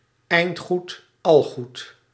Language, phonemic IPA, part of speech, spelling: Dutch, /ˈɛi̯nt ˌxut ˈɑl ˌɣut/, proverb, eind goed, al goed
- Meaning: all's well that ends well